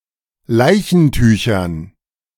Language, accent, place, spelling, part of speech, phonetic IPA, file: German, Germany, Berlin, Leichentüchern, noun, [ˈlaɪ̯çn̩ˌtyːçɐn], De-Leichentüchern.ogg
- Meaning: dative plural of Leichentuch